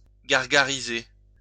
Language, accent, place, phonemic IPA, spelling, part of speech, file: French, France, Lyon, /ɡaʁ.ɡa.ʁi.ze/, gargariser, verb, LL-Q150 (fra)-gargariser.wav
- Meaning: to gargle